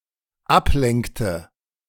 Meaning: inflection of ablenken: 1. first/third-person singular dependent preterite 2. first/third-person singular dependent subjunctive II
- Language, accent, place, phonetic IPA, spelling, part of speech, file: German, Germany, Berlin, [ˈapˌlɛŋktə], ablenkte, verb, De-ablenkte.ogg